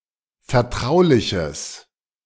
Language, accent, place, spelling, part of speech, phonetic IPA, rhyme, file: German, Germany, Berlin, vertrauliches, adjective, [fɛɐ̯ˈtʁaʊ̯lɪçəs], -aʊ̯lɪçəs, De-vertrauliches.ogg
- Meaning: strong/mixed nominative/accusative neuter singular of vertraulich